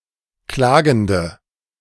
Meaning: inflection of klagend: 1. strong/mixed nominative/accusative feminine singular 2. strong nominative/accusative plural 3. weak nominative all-gender singular 4. weak accusative feminine/neuter singular
- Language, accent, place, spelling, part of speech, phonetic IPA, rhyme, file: German, Germany, Berlin, klagende, adjective, [ˈklaːɡn̩də], -aːɡn̩də, De-klagende.ogg